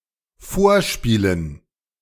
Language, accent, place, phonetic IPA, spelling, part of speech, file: German, Germany, Berlin, [ˈfoːɐ̯ˌʃpiːlən], Vorspielen, noun, De-Vorspielen.ogg
- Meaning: dative plural of Vorspiel